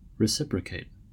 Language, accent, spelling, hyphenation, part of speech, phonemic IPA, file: English, US, reciprocate, re‧ci‧pro‧cate, verb, /ɹɪˈsɪpɹəˌkeɪt/, En-us-reciprocate.ogg
- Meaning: To exchange two things, with both parties giving one thing and taking another thing